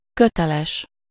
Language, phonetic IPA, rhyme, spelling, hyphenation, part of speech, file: Hungarian, [ˈkøtɛlɛʃ], -ɛʃ, köteles, kö‧te‧les, adjective / noun, Hu-köteles.ogg
- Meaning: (adjective) 1. obligatory, due 2. having a rope; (noun) roper (one who uses a rope; a maker of ropes)